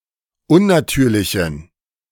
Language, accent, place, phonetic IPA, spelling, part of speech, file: German, Germany, Berlin, [ˈʊnnaˌtyːɐ̯lɪçn̩], unnatürlichen, adjective, De-unnatürlichen.ogg
- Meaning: inflection of unnatürlich: 1. strong genitive masculine/neuter singular 2. weak/mixed genitive/dative all-gender singular 3. strong/weak/mixed accusative masculine singular 4. strong dative plural